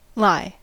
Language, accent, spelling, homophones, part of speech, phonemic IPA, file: English, General American, lie, lye / lai, verb / noun, /laɪ̯/, En-us-lie.ogg
- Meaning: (verb) 1. To rest in a horizontal position on a surface 2. To be placed or situated 3. To abide; to remain for a longer or shorter time; to be in a certain state or condition